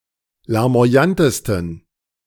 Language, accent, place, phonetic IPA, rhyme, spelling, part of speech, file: German, Germany, Berlin, [laʁmo̯aˈjantəstn̩], -antəstn̩, larmoyantesten, adjective, De-larmoyantesten.ogg
- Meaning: 1. superlative degree of larmoyant 2. inflection of larmoyant: strong genitive masculine/neuter singular superlative degree